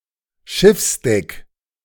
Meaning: deck, deck of a ship
- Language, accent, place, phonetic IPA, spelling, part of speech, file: German, Germany, Berlin, [ˈʃɪfsˌdɛk], Schiffsdeck, noun, De-Schiffsdeck.ogg